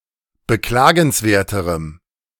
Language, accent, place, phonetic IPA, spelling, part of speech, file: German, Germany, Berlin, [bəˈklaːɡn̩sˌveːɐ̯təʁəm], beklagenswerterem, adjective, De-beklagenswerterem.ogg
- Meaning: strong dative masculine/neuter singular comparative degree of beklagenswert